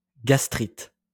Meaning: gastritis
- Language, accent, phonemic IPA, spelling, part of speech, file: French, France, /ɡas.tʁit/, gastrite, noun, LL-Q150 (fra)-gastrite.wav